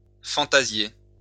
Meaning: to imagine
- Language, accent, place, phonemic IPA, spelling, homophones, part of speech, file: French, France, Lyon, /fɑ̃.ta.zje/, fantasier, fantasiai / fantasié / fantasiée / fantasiées / fantasiés / fantasiez, verb, LL-Q150 (fra)-fantasier.wav